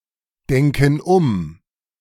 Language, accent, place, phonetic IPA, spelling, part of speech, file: German, Germany, Berlin, [ˌdɛŋkn̩ ˈʊm], denken um, verb, De-denken um.ogg
- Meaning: inflection of umdenken: 1. first/third-person plural present 2. first/third-person plural subjunctive I